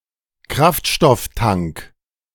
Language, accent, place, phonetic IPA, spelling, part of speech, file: German, Germany, Berlin, [ˈkʁaftʃtɔfˌtaŋk], Kraftstofftank, noun, De-Kraftstofftank.ogg
- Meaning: fuel tank